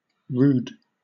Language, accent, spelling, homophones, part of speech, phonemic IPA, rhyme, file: English, Southern England, rood, rude, noun, /ɹuːd/, -uːd, LL-Q1860 (eng)-rood.wav
- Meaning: 1. A crucifix, cross, especially in a church 2. A measure of land area, equal to a quarter of an acre 3. An area of sixty-four square yards 4. A measure of five and a half yards in length